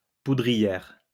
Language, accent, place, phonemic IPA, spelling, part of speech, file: French, France, Lyon, /pu.dʁi.jɛʁ/, poudrière, noun, LL-Q150 (fra)-poudrière.wav
- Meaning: 1. powder keg or magazine 2. tinderbox